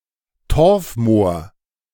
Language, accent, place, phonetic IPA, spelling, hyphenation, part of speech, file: German, Germany, Berlin, [ˈtɔʁfˌmoːɐ̯], Torfmoor, Torf‧moor, noun, De-Torfmoor.ogg
- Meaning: peat bog